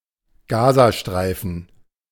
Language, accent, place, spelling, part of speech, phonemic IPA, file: German, Germany, Berlin, Gazastreifen, proper noun, /ˈɡaːzaˌʃtʁaɪ̯fən/, De-Gazastreifen.ogg
- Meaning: 1. Gaza Strip (a region in Palestine between Egypt and Israel) 2. the Sonnenallee (due to its many Arab locations)